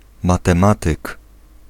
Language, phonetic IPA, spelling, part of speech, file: Polish, [ˌmatɛ̃ˈmatɨk], matematyk, noun, Pl-matematyk.ogg